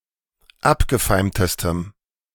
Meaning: strong dative masculine/neuter singular superlative degree of abgefeimt
- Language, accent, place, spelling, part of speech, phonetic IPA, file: German, Germany, Berlin, abgefeimtestem, adjective, [ˈapɡəˌfaɪ̯mtəstəm], De-abgefeimtestem.ogg